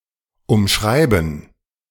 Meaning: 1. to try to express or explain in words; to define; to verbalise 2. to state (something) in such a way as to avoid something; to paraphrase; to use circumlocution
- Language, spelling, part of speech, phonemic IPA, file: German, umschreiben, verb, /ˌʊmˈʃraɪ̯bən/, De-umschreiben.ogg